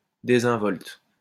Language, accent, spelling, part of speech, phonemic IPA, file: French, France, désinvolte, adjective, /de.zɛ̃.vɔlt/, LL-Q150 (fra)-désinvolte.wav
- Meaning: 1. overly casual or familiar; cavalier 2. nonchalant, flippant